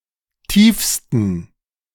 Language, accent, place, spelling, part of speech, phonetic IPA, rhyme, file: German, Germany, Berlin, tiefsten, adjective, [ˈtiːfstn̩], -iːfstn̩, De-tiefsten.ogg
- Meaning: 1. superlative degree of tief 2. inflection of tief: strong genitive masculine/neuter singular superlative degree